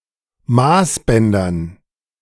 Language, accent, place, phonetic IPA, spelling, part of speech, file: German, Germany, Berlin, [ˈmaːsˌbɛndɐn], Maßbändern, noun, De-Maßbändern.ogg
- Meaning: dative plural of Maßband